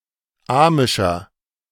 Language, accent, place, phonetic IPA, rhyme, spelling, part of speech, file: German, Germany, Berlin, [ˈaːmɪʃɐ], -aːmɪʃɐ, amischer, adjective, De-amischer.ogg
- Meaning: 1. comparative degree of amisch 2. inflection of amisch: strong/mixed nominative masculine singular 3. inflection of amisch: strong genitive/dative feminine singular